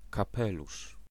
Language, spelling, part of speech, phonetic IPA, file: Polish, kapelusz, noun, [kaˈpɛluʃ], Pl-kapelusz.ogg